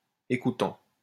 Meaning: present participle of écouter
- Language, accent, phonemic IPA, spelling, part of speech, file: French, France, /e.ku.tɑ̃/, écoutant, verb, LL-Q150 (fra)-écoutant.wav